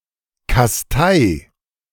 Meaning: 1. singular imperative of kasteien 2. first-person singular present of kasteien
- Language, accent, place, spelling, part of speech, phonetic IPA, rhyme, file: German, Germany, Berlin, kastei, verb, [kasˈtaɪ̯], -aɪ̯, De-kastei.ogg